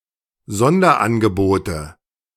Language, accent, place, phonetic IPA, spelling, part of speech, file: German, Germany, Berlin, [ˈzɔndɐʔanɡəˌboːtə], Sonderangebote, noun, De-Sonderangebote.ogg
- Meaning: nominative/accusative/genitive plural of Sonderangebot